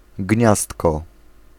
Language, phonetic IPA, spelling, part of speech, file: Polish, [ˈɟɲastkɔ], gniazdko, noun, Pl-gniazdko.ogg